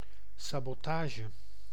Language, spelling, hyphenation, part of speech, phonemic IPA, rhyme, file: Dutch, sabotage, sa‧bo‧ta‧ge, noun, /saːboːˈtaːʒə/, -aːʒə, Nl-sabotage.ogg
- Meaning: sabotage